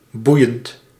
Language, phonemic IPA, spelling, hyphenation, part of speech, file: Dutch, /ˈbu.jənt/, boeiend, boei‧end, adjective / interjection / verb, Nl-boeiend.ogg
- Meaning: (adjective) 1. captivating, interesting 2. riveting, astonishing; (interjection) so what! Who cares!; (verb) present participle of boeien